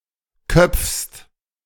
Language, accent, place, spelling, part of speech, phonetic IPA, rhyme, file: German, Germany, Berlin, köpfst, verb, [kœp͡fst], -œp͡fst, De-köpfst.ogg
- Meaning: second-person singular present of köpfen